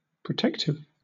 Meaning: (adjective) 1. Serving or intended to protect 2. Wishing to protect; defensive of somebody or something; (noun) 1. Something that protects 2. A condom
- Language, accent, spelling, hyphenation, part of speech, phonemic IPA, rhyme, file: English, Southern England, protective, pro‧tec‧tive, adjective / noun, /pɹəˈtɛk.tɪv/, -ɛktɪv, LL-Q1860 (eng)-protective.wav